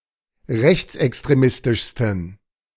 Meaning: 1. superlative degree of rechtsextremistisch 2. inflection of rechtsextremistisch: strong genitive masculine/neuter singular superlative degree
- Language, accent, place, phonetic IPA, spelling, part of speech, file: German, Germany, Berlin, [ˈʁɛçt͡sʔɛkstʁeˌmɪstɪʃstn̩], rechtsextremistischsten, adjective, De-rechtsextremistischsten.ogg